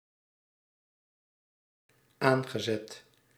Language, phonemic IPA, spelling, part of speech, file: Dutch, /ˈaŋɣəˌzɛt/, aangezet, verb / adjective, Nl-aangezet.ogg
- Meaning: past participle of aanzetten